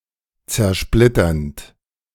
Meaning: present participle of zersplittern
- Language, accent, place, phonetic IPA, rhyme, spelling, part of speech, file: German, Germany, Berlin, [t͡sɛɐ̯ˈʃplɪtɐnt], -ɪtɐnt, zersplitternd, verb, De-zersplitternd.ogg